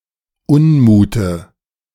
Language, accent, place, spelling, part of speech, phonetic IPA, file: German, Germany, Berlin, Unmute, noun, [ˈʊnˌmuːtə], De-Unmute.ogg
- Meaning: nominative/accusative/genitive plural of Unmut